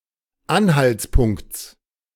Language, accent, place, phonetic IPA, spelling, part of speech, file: German, Germany, Berlin, [ˈanhalt͡sˌpʊŋkt͡s], Anhaltspunkts, noun, De-Anhaltspunkts.ogg
- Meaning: genitive singular of Anhaltspunkt